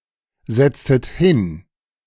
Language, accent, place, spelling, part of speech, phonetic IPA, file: German, Germany, Berlin, setztet hin, verb, [ˌzɛt͡stət ˈhɪn], De-setztet hin.ogg
- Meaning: inflection of hinsetzen: 1. second-person plural preterite 2. second-person plural subjunctive II